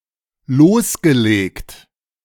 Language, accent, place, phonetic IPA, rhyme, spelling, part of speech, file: German, Germany, Berlin, [ˈloːsɡəˌleːkt], -oːsɡəleːkt, losgelegt, verb, De-losgelegt.ogg
- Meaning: past participle of loslegen